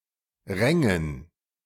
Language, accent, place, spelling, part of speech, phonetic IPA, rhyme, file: German, Germany, Berlin, rängen, verb, [ˈʁɛŋən], -ɛŋən, De-rängen.ogg
- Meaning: first/third-person plural subjunctive II of ringen